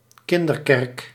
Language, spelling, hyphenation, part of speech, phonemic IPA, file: Dutch, kinderkerk, kin‧der‧kerk, noun, /ˈkɪn.dərˌkɛrk/, Nl-kinderkerk.ogg
- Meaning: 1. Christian religious instruction for children, similar to Sunday school (but not necessarily held on Sunday) 2. a daughter church